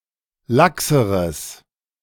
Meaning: strong/mixed nominative/accusative neuter singular comparative degree of lax
- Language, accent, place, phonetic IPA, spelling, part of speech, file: German, Germany, Berlin, [ˈlaksəʁəs], laxeres, adjective, De-laxeres.ogg